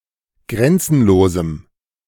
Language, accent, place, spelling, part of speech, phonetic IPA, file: German, Germany, Berlin, grenzenlosem, adjective, [ˈɡʁɛnt͡sn̩loːzm̩], De-grenzenlosem.ogg
- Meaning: strong dative masculine/neuter singular of grenzenlos